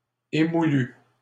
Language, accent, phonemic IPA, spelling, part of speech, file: French, Canada, /e.mu.ly/, émoulus, adjective, LL-Q150 (fra)-émoulus.wav
- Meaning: masculine plural of émoulu